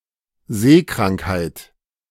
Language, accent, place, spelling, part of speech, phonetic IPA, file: German, Germany, Berlin, Seekrankheit, noun, [ˈzeːkʁaŋkhaɪ̯t], De-Seekrankheit.ogg
- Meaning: seasickness